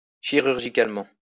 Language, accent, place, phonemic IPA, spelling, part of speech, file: French, France, Lyon, /ʃi.ʁyʁ.ʒi.kal.mɑ̃/, chirurgicalement, adverb, LL-Q150 (fra)-chirurgicalement.wav
- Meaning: surgically